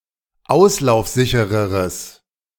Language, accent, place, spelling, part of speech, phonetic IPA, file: German, Germany, Berlin, auslaufsichereres, adjective, [ˈaʊ̯slaʊ̯fˌzɪçəʁəʁəs], De-auslaufsichereres.ogg
- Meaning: strong/mixed nominative/accusative neuter singular comparative degree of auslaufsicher